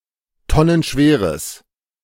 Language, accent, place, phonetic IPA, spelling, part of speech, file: German, Germany, Berlin, [ˈtɔnənˌʃveːʁəs], tonnenschweres, adjective, De-tonnenschweres.ogg
- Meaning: strong/mixed nominative/accusative neuter singular of tonnenschwer